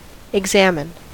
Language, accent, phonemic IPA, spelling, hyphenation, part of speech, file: English, US, /ɪɡˈzæmɪn/, examine, ex‧am‧ine, verb / noun, En-us-examine.ogg
- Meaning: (verb) 1. To observe carefully or critically to learn about someone or something 2. To check the health or condition of something or someone